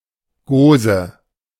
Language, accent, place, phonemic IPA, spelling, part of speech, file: German, Germany, Berlin, /ˈɡoːzə/, Gose, noun, De-Gose.ogg
- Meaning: gose (beer)